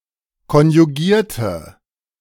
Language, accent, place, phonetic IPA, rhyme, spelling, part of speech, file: German, Germany, Berlin, [kɔnjuˈɡiːɐ̯tə], -iːɐ̯tə, konjugierte, adjective / verb, De-konjugierte.ogg
- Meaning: inflection of konjugieren: 1. first/third-person singular preterite 2. first/third-person singular subjunctive II